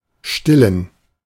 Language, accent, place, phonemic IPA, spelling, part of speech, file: German, Germany, Berlin, /ˈʃtɪlən/, stillen, verb / adjective, De-stillen.ogg
- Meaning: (verb) 1. to nurse, suckle, breastfeed (a baby) 2. to quench (a need, e.g. hunger) 3. to ease (pain); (adjective) inflection of still: strong genitive masculine/neuter singular